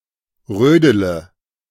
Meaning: inflection of rödeln: 1. first-person singular present 2. first/third-person singular subjunctive I 3. singular imperative
- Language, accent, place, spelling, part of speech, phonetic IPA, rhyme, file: German, Germany, Berlin, rödele, verb, [ˈʁøːdələ], -øːdələ, De-rödele.ogg